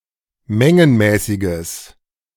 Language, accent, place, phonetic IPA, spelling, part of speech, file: German, Germany, Berlin, [ˈmɛŋənmɛːsɪɡəs], mengenmäßiges, adjective, De-mengenmäßiges.ogg
- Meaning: strong/mixed nominative/accusative neuter singular of mengenmäßig